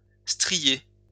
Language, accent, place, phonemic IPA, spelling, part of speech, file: French, France, Lyon, /stʁi.je/, strier, verb, LL-Q150 (fra)-strier.wav
- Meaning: 1. to streak, stripe 2. to striate